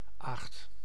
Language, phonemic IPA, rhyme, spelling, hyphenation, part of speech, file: Dutch, /aːxt/, -aːxt, aagt, aagt, noun, Nl-aagt.ogg
- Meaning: light sour breed of apple